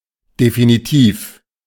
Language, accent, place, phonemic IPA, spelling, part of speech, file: German, Germany, Berlin, /definiˈtiːf/, definitiv, adjective, De-definitiv.ogg
- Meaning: 1. definitive, conclusive, decisive 2. definite, certain, undoubtable